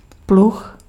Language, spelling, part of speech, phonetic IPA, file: Czech, pluh, noun, [ˈplux], Cs-pluh.ogg
- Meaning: plough